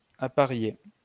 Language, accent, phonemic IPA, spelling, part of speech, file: French, France, /a.pa.ʁje/, apparier, verb, LL-Q150 (fra)-apparier.wav
- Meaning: 1. to pair or match 2. to couple or mate